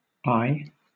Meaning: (interjection) 1. Yes; yea; a word expressing assent, or an affirmative answer to a question 2. A word used to acknowledge a command from a superior, usually preceded by a verbatim repeat-back
- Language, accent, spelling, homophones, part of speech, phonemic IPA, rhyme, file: English, Southern England, aye, ay / eye / I, interjection / verb / noun, /aɪ/, -aɪ, LL-Q1860 (eng)-aye.wav